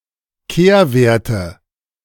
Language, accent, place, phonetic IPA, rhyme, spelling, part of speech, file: German, Germany, Berlin, [ˈkeːɐ̯ˌveːɐ̯tə], -eːɐ̯veːɐ̯tə, Kehrwerte, noun, De-Kehrwerte.ogg
- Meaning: nominative/accusative/genitive plural of Kehrwert